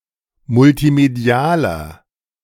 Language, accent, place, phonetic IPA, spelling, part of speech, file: German, Germany, Berlin, [mʊltiˈmedi̯aːlɐ], multimedialer, adjective, De-multimedialer.ogg
- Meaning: 1. comparative degree of multimedial 2. inflection of multimedial: strong/mixed nominative masculine singular 3. inflection of multimedial: strong genitive/dative feminine singular